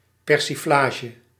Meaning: 1. lighthearted caricature or mockery, as in a comedy sketch 2. ridiculing mispresenting or misconstruing
- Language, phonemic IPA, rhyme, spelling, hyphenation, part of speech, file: Dutch, /ˌpɛr.siˈflaː.ʒə/, -aːʒə, persiflage, per‧si‧fla‧ge, noun, Nl-persiflage.ogg